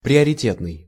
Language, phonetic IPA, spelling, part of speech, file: Russian, [prʲɪərʲɪˈtʲetnɨj], приоритетный, adjective, Ru-приоритетный.ogg
- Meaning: 1. priority 2. high-priority, paramount, most important